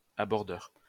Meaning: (adjective) 1. Placing itself side to side to another vehicle 2. Performing an attack on a boat; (noun) Something or someone performing the action of aborder
- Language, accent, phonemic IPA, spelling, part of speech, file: French, France, /a.bɔʁ.dœʁ/, abordeur, adjective / noun, LL-Q150 (fra)-abordeur.wav